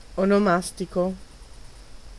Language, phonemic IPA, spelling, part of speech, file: Italian, /onoˈmastiko/, onomastico, adjective / noun, It-onomastico.ogg